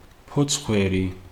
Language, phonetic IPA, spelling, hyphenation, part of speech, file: Georgian, [pʰo̞t͡sʰχʷe̞ɾi], ფოცხვერი, ფოცხ‧ვე‧რი, noun, Ka-ფოცხვერი.ogg
- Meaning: lynx